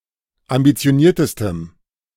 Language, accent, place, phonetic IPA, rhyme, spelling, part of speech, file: German, Germany, Berlin, [ambit͡si̯oˈniːɐ̯təstəm], -iːɐ̯təstəm, ambitioniertestem, adjective, De-ambitioniertestem.ogg
- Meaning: strong dative masculine/neuter singular superlative degree of ambitioniert